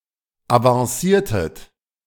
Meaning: inflection of avancieren: 1. second-person plural preterite 2. second-person plural subjunctive II
- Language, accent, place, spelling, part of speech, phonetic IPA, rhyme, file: German, Germany, Berlin, avanciertet, verb, [avɑ̃ˈsiːɐ̯tət], -iːɐ̯tət, De-avanciertet.ogg